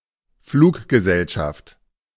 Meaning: airline (company that flies airplanes)
- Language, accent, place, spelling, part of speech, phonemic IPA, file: German, Germany, Berlin, Fluggesellschaft, noun, /ˈfluːkɡəˌzɛlʃaft/, De-Fluggesellschaft.ogg